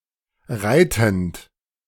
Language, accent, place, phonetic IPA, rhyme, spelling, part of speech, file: German, Germany, Berlin, [ˈʁaɪ̯tn̩t], -aɪ̯tn̩t, reitend, verb, De-reitend.ogg
- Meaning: present participle of reiten